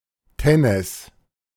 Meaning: tennessine
- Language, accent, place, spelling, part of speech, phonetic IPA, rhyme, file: German, Germany, Berlin, Tenness, noun, [ˈtɛnəs], -ɛnəs, De-Tenness.ogg